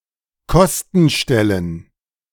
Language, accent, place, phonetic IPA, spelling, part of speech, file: German, Germany, Berlin, [ˈkɔstn̩ˌʃtɛlən], Kostenstellen, noun, De-Kostenstellen.ogg
- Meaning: plural of Kostenstelle